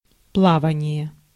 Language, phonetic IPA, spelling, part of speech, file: Russian, [ˈpɫavənʲɪje], плавание, noun, Ru-плавание.ogg
- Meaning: 1. swimming, floating 2. navigation, sailing 3. voyage, trip (by ship)